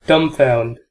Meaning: To confuse and bewilder; to leave speechless
- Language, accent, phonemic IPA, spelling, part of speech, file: English, US, /ˈdʌm.faʊnd/, dumbfound, verb, En-us-dumbfound.ogg